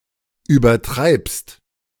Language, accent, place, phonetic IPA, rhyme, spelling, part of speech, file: German, Germany, Berlin, [yːbɐˈtʁaɪ̯pst], -aɪ̯pst, übertreibst, verb, De-übertreibst.ogg
- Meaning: second-person singular present of übertreiben